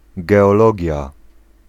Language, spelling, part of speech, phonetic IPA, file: Polish, geologia, noun, [ˌɡɛɔˈlɔɟja], Pl-geologia.ogg